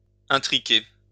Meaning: (rare, sciences or literary): 1. to become mingled, tangled or enmeshed 2. to intermingle, intermix or interflow
- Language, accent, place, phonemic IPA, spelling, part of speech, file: French, France, Lyon, /s‿ɛ̃.tʁi.ke/, intriquer, verb, LL-Q150 (fra)-intriquer.wav